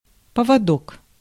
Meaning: diminutive of по́вод (póvod): leash
- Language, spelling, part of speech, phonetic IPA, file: Russian, поводок, noun, [pəvɐˈdok], Ru-поводок.ogg